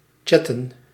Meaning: to chat
- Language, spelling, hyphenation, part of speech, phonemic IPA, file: Dutch, chatten, chat‧ten, verb, /ˈtʃɛtə(n)/, Nl-chatten.ogg